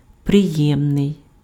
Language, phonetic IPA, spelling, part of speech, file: Ukrainian, [preˈjɛmnei̯], приємний, adjective, Uk-приємний.ogg
- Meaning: pleasant